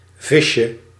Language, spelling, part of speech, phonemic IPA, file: Dutch, visje, noun, /vɪʃə/, Nl-visje.ogg
- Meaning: diminutive of vis